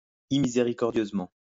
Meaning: mercilessly
- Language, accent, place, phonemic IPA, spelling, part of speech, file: French, France, Lyon, /i.mi.ze.ʁi.kɔʁ.djøz.mɑ̃/, immiséricordieusement, adverb, LL-Q150 (fra)-immiséricordieusement.wav